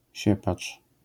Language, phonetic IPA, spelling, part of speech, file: Polish, [ˈɕɛpat͡ʃ], siepacz, noun, LL-Q809 (pol)-siepacz.wav